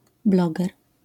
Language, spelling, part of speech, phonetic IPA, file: Polish, bloger, noun, [ˈblɔɡɛr], LL-Q809 (pol)-bloger.wav